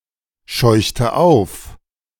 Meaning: inflection of aufscheuchen: 1. first/third-person singular preterite 2. first/third-person singular subjunctive II
- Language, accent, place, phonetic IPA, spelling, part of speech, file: German, Germany, Berlin, [ˌʃɔɪ̯çtə ˈaʊ̯f], scheuchte auf, verb, De-scheuchte auf.ogg